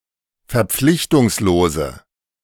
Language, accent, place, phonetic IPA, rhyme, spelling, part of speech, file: German, Germany, Berlin, [fɛɐ̯ˈp͡flɪçtʊŋsloːzə], -ɪçtʊŋsloːzə, verpflichtungslose, adjective, De-verpflichtungslose.ogg
- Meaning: inflection of verpflichtungslos: 1. strong/mixed nominative/accusative feminine singular 2. strong nominative/accusative plural 3. weak nominative all-gender singular